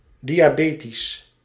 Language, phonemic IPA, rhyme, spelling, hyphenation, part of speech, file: Dutch, /ˌdi.aːˈbeː.tis/, -eːtis, diabetisch, dia‧be‧tisch, adjective, Nl-diabetisch.ogg
- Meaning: diabetic